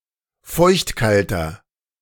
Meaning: inflection of feuchtkalt: 1. strong/mixed nominative masculine singular 2. strong genitive/dative feminine singular 3. strong genitive plural
- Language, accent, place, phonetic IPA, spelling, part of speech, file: German, Germany, Berlin, [ˈfɔɪ̯çtˌkaltɐ], feuchtkalter, adjective, De-feuchtkalter.ogg